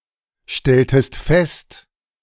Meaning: inflection of feststellen: 1. second-person singular preterite 2. second-person singular subjunctive II
- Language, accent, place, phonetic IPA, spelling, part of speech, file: German, Germany, Berlin, [ˌʃtɛltəst ˈfɛst], stelltest fest, verb, De-stelltest fest.ogg